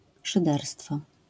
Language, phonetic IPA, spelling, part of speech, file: Polish, [ʃɨˈdɛrstfɔ], szyderstwo, noun, LL-Q809 (pol)-szyderstwo.wav